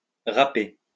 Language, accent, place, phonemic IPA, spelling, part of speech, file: French, France, Lyon, /ʁa.pe/, raper, verb, LL-Q150 (fra)-raper.wav
- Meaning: to rap (to sing rap songs)